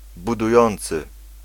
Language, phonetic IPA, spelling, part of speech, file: Polish, [ˌbuduˈjɔ̃nt͡sɨ], budujący, adjective / verb, Pl-budujący.ogg